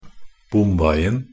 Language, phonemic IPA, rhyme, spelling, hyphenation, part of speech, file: Norwegian Bokmål, /ˈbʊmʋɛɪn̩/, -ɛɪn̩, bomveien, bom‧vei‧en, noun, Nb-bomveien.ogg
- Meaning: definite singular of bomvei